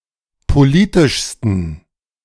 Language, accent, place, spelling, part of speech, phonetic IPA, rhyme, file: German, Germany, Berlin, politischsten, adjective, [poˈliːtɪʃstn̩], -iːtɪʃstn̩, De-politischsten.ogg
- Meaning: 1. superlative degree of politisch 2. inflection of politisch: strong genitive masculine/neuter singular superlative degree